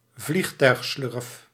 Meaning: jet bridge
- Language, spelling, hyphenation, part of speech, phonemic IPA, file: Dutch, vliegtuigslurf, vlieg‧tuig‧slurf, noun, /ˈvlix.tœy̯xˌslʏrf/, Nl-vliegtuigslurf.ogg